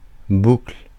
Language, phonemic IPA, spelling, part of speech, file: French, /bukl/, boucle, noun, Fr-boucle.ogg
- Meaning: 1. loop (line returning to its origin) 2. earring 3. buckle (of a belt, etc.) 4. curl (of hair) 5. ringlet 6. loop 7. loop jump 8. loop the loop (aircraft manoeuvre)